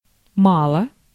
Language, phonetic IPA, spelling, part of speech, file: Russian, [ˈmaɫə], мало, adverb / adjective, Ru-мало.ogg
- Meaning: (adverb) 1. little, few 2. too little, too few; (adjective) it is too little, it is insufficient, it is not enough